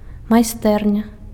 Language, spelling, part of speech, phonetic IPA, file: Belarusian, майстэрня, noun, [majˈstɛrnʲa], Be-майстэрня.ogg
- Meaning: workshop